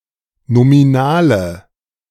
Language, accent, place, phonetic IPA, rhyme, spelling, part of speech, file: German, Germany, Berlin, [nomiˈnaːlə], -aːlə, nominale, adjective, De-nominale.ogg
- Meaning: inflection of nominal: 1. strong/mixed nominative/accusative feminine singular 2. strong nominative/accusative plural 3. weak nominative all-gender singular 4. weak accusative feminine/neuter singular